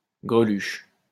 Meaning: bimbo (woman)
- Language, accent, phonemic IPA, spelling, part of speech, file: French, France, /ɡʁə.lyʃ/, greluche, noun, LL-Q150 (fra)-greluche.wav